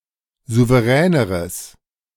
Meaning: strong/mixed nominative/accusative neuter singular comparative degree of souverän
- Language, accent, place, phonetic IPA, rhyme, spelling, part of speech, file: German, Germany, Berlin, [ˌzuvəˈʁɛːnəʁəs], -ɛːnəʁəs, souveräneres, adjective, De-souveräneres.ogg